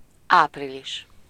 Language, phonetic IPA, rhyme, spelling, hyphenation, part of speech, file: Hungarian, [ˈaːpriliʃ], -iʃ, április, áp‧ri‧lis, noun, Hu-április.ogg
- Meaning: April (the fourth month of the Gregorian calendar, following March and preceding May)